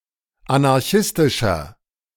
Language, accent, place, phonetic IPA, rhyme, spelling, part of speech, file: German, Germany, Berlin, [anaʁˈçɪstɪʃɐ], -ɪstɪʃɐ, anarchistischer, adjective, De-anarchistischer.ogg
- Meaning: 1. comparative degree of anarchistisch 2. inflection of anarchistisch: strong/mixed nominative masculine singular 3. inflection of anarchistisch: strong genitive/dative feminine singular